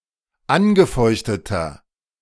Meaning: inflection of angefeuchtet: 1. strong/mixed nominative masculine singular 2. strong genitive/dative feminine singular 3. strong genitive plural
- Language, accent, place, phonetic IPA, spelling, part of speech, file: German, Germany, Berlin, [ˈanɡəˌfɔɪ̯çtətɐ], angefeuchteter, adjective, De-angefeuchteter.ogg